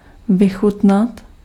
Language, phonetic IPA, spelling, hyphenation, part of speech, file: Czech, [ˈvɪxutnat], vychutnat, vy‧chut‧nat, verb, Cs-vychutnat.ogg
- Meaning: to relish, savour, enjoy